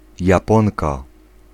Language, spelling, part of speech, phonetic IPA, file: Polish, japonka, noun, [jaˈpɔ̃nka], Pl-japonka.ogg